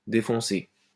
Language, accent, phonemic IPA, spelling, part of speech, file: French, France, /de.fɔ̃.se/, défoncer, verb, LL-Q150 (fra)-défoncer.wav
- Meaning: 1. to deep-plough 2. to smash in, smash up, break, break open (destroy violently) 3. to rip, rip apart, tear apart 4. to fuck up, make high, screw up (intoxicate) 5. to get high, get pissed 6. to fuck